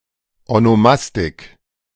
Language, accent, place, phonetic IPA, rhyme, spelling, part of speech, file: German, Germany, Berlin, [onoˈmastɪk], -astɪk, Onomastik, noun, De-Onomastik.ogg
- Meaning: onomastics